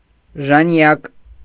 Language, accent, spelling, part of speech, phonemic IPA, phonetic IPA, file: Armenian, Eastern Armenian, ժանյակ, noun, /ʒɑˈnjɑk/, [ʒɑnjɑ́k], Hy-ժանյակ.ogg
- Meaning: lace